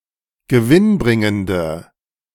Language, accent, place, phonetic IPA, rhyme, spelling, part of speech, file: German, Germany, Berlin, [ɡəˈvɪnˌbʁɪŋəndə], -ɪnbʁɪŋəndə, gewinnbringende, adjective, De-gewinnbringende.ogg
- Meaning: inflection of gewinnbringend: 1. strong/mixed nominative/accusative feminine singular 2. strong nominative/accusative plural 3. weak nominative all-gender singular